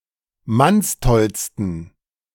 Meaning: 1. superlative degree of mannstoll 2. inflection of mannstoll: strong genitive masculine/neuter singular superlative degree
- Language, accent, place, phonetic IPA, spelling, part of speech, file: German, Germany, Berlin, [ˈmansˌtɔlstn̩], mannstollsten, adjective, De-mannstollsten.ogg